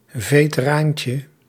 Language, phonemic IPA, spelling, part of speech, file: Dutch, /veː.təˈraːn.tjə/, veteraantje, noun, Nl-veteraantje.ogg
- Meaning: diminutive of veteraan